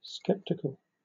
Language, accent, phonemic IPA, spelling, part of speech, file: English, Southern England, /ˈskɛptɪkəl/, skeptical, adjective, LL-Q1860 (eng)-skeptical.wav
- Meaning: 1. Having, or expressing doubt; questioning 2. Of or relating to philosophical skepticism or the skeptics